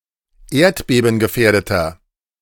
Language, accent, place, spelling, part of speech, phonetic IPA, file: German, Germany, Berlin, erdbebengefährdeter, adjective, [ˈeːɐ̯tbeːbn̩ɡəˌfɛːɐ̯dətɐ], De-erdbebengefährdeter.ogg
- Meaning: 1. comparative degree of erdbebengefährdet 2. inflection of erdbebengefährdet: strong/mixed nominative masculine singular 3. inflection of erdbebengefährdet: strong genitive/dative feminine singular